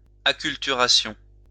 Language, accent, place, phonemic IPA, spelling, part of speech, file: French, France, Lyon, /a.kyl.ty.ʁa.sjɔ̃/, acculturation, noun, LL-Q150 (fra)-acculturation.wav
- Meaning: acculturation